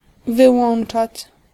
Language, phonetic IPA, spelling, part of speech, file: Polish, [vɨˈwɔ̃n͇t͡ʃat͡ɕ], wyłączać, verb, Pl-wyłączać.ogg